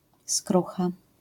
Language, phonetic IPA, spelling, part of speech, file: Polish, [ˈskruxa], skrucha, noun, LL-Q809 (pol)-skrucha.wav